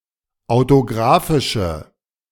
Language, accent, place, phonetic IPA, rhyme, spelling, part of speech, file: German, Germany, Berlin, [aʊ̯toˈɡʁaːfɪʃə], -aːfɪʃə, autografische, adjective, De-autografische.ogg
- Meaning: inflection of autografisch: 1. strong/mixed nominative/accusative feminine singular 2. strong nominative/accusative plural 3. weak nominative all-gender singular